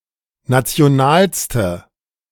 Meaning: inflection of national: 1. strong/mixed nominative/accusative feminine singular superlative degree 2. strong nominative/accusative plural superlative degree
- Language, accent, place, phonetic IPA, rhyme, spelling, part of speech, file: German, Germany, Berlin, [ˌnat͡si̯oˈnaːlstə], -aːlstə, nationalste, adjective, De-nationalste.ogg